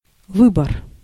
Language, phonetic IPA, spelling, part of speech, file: Russian, [ˈvɨbər], выбор, noun, Ru-выбор.ogg
- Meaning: 1. choice (option or decision) 2. election